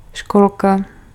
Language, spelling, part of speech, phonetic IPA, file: Czech, školka, noun, [ˈʃkolka], Cs-školka.ogg
- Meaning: 1. kindergarten 2. diminutive of škola